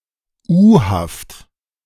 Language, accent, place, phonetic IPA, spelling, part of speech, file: German, Germany, Berlin, [ˈuːhaft], U-Haft, noun, De-U-Haft.ogg
- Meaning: Short for Untersuchungshaft (“remand”)